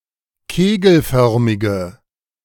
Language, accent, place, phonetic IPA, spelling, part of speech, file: German, Germany, Berlin, [ˈkeːɡl̩ˌfœʁmɪɡə], kegelförmige, adjective, De-kegelförmige.ogg
- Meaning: inflection of kegelförmig: 1. strong/mixed nominative/accusative feminine singular 2. strong nominative/accusative plural 3. weak nominative all-gender singular